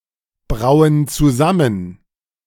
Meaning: inflection of zusammenbrauen: 1. first/third-person plural present 2. first/third-person plural subjunctive I
- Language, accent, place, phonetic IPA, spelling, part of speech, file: German, Germany, Berlin, [ˌbʁaʊ̯ən t͡suˈzamən], brauen zusammen, verb, De-brauen zusammen.ogg